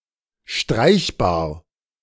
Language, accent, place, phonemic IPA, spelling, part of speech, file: German, Germany, Berlin, /ˈʃtʁaɪ̯çbaːɐ̯/, streichbar, adjective, De-streichbar.ogg
- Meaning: spreadable